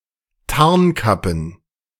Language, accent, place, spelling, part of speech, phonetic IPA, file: German, Germany, Berlin, Tarnkappen, noun, [ˈtaʁnˌkapn̩], De-Tarnkappen.ogg
- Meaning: plural of Tarnkappe